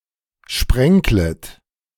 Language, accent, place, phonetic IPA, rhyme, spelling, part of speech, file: German, Germany, Berlin, [ˈʃpʁɛŋklət], -ɛŋklət, sprenklet, verb, De-sprenklet.ogg
- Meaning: second-person plural subjunctive I of sprenkeln